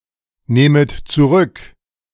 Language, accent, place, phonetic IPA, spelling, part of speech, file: German, Germany, Berlin, [ˌneːmət t͡suˈʁʏk], nehmet zurück, verb, De-nehmet zurück.ogg
- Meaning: second-person plural subjunctive I of zurücknehmen